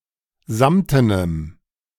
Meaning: strong dative masculine/neuter singular of samten
- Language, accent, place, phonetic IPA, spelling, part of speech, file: German, Germany, Berlin, [ˈzamtənəm], samtenem, adjective, De-samtenem.ogg